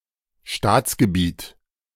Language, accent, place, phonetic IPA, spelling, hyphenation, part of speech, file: German, Germany, Berlin, [ˈʃtaːtsɡəbiːt], Staatsgebiet, Staats‧ge‧biet, noun, De-Staatsgebiet.ogg
- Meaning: national territory